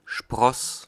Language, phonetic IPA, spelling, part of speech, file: German, [ʃpʁɔs], Spross, noun, De-Spross.ogg
- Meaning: 1. sprout, shoot (young plant growing out of the ground; young twig growing on a plant); for outgrowths on potatoes, soybeans etc., the doublet Sprosse f is more usual 2. scion, descendant